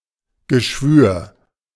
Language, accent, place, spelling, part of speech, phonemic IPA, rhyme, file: German, Germany, Berlin, Geschwür, noun, /ɡəˈʃvyːɐ̯/, -yːɐ̯, De-Geschwür.ogg
- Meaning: abscess, ulcer